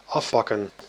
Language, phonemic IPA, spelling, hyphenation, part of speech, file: Dutch, /ˈɑfpɑkə(n)/, afpakken, af‧pak‧ken, verb, Nl-afpakken.ogg
- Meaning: to snatch, grab, take away